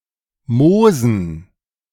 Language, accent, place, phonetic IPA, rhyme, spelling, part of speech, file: German, Germany, Berlin, [ˈmoːzn̩], -oːzn̩, Moosen, noun, De-Moosen.ogg
- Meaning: dative plural of Moos